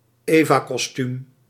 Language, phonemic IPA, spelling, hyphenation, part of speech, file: Dutch, /ˈeː.vaː.kɔsˌtym/, evakostuum, eva‧kos‧tuum, noun, Nl-evakostuum.ogg
- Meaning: a woman's birthday suit